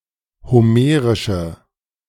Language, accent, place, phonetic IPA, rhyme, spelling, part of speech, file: German, Germany, Berlin, [hoˈmeːʁɪʃə], -eːʁɪʃə, homerische, adjective, De-homerische.ogg
- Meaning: inflection of homerisch: 1. strong/mixed nominative/accusative feminine singular 2. strong nominative/accusative plural 3. weak nominative all-gender singular